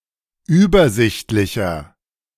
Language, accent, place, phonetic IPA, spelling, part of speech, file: German, Germany, Berlin, [ˈyːbɐˌzɪçtlɪçɐ], übersichtlicher, adjective, De-übersichtlicher.ogg
- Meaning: 1. comparative degree of übersichtlich 2. inflection of übersichtlich: strong/mixed nominative masculine singular 3. inflection of übersichtlich: strong genitive/dative feminine singular